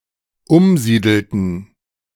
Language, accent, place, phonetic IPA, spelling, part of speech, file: German, Germany, Berlin, [ˈʊmˌziːdl̩tn̩], umsiedelten, verb, De-umsiedelten.ogg
- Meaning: inflection of umsiedeln: 1. first/third-person plural dependent preterite 2. first/third-person plural dependent subjunctive II